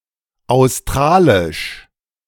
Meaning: Australian
- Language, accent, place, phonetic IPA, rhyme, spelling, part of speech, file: German, Germany, Berlin, [aʊ̯sˈtʁaːlɪʃ], -aːlɪʃ, australisch, adjective, De-australisch.ogg